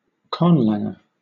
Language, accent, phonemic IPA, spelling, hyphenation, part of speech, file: English, Southern England, /ˈkɒn.læŋ.ə/, conlanger, con‧lang‧er, noun, LL-Q1860 (eng)-conlanger.wav
- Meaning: Someone who creates constructed languages (conlangs)